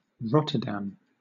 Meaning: 1. A city in South Holland, Netherlands 2. A municipality of South Holland, Netherlands
- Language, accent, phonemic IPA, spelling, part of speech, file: English, Southern England, /ˈɹɒtə(ɹ)ˌdæm/, Rotterdam, proper noun, LL-Q1860 (eng)-Rotterdam.wav